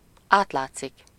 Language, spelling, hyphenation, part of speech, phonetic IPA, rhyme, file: Hungarian, átlátszik, át‧lát‧szik, verb, [ˈaːtlaːt͡sːik], -aːt͡sːik, Hu-átlátszik.ogg
- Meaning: to show through, be transparent